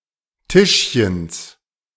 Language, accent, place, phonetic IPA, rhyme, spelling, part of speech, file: German, Germany, Berlin, [ˈtɪʃçəns], -ɪʃçəns, Tischchens, noun, De-Tischchens.ogg
- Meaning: genitive of Tischchen